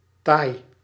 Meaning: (proper noun) Thai (language); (noun) a Thai person
- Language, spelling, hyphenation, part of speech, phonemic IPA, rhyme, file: Dutch, Thai, Thai, proper noun / noun, /tɑi̯/, -ɑi̯, Nl-Thai.ogg